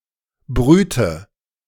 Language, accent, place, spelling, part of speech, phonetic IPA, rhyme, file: German, Germany, Berlin, brüte, verb, [ˈbʁyːtə], -yːtə, De-brüte.ogg
- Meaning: inflection of brüten: 1. first-person singular present 2. first/third-person singular subjunctive I 3. singular imperative